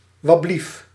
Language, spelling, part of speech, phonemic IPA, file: Dutch, wablief, interjection, /wɑˈblif/, Nl-wablief.ogg
- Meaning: I beg your pardon?